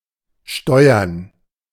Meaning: 1. to steer, to navigate, to pilot, to operate, to control 2. to govern, to direct, to head; to control 3. [with auf (+ accusative)] to use something or someone for support 4. to pay a tax
- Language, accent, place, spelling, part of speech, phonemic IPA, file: German, Germany, Berlin, steuern, verb, /ˈʃtɔɪ̯ɐn/, De-steuern.ogg